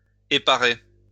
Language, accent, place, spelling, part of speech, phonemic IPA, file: French, France, Lyon, éparer, verb, /e.pa.ʁe/, LL-Q150 (fra)-éparer.wav
- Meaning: to spread